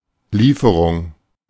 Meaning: delivery, shipment
- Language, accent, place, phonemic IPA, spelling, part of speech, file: German, Germany, Berlin, /ˈliːfəʁʊŋ/, Lieferung, noun, De-Lieferung.ogg